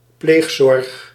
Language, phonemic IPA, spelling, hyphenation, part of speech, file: Dutch, /ˈpleːx.sɔrx/, pleegzorg, pleeg‧zorg, noun, Nl-pleegzorg.ogg
- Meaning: foster care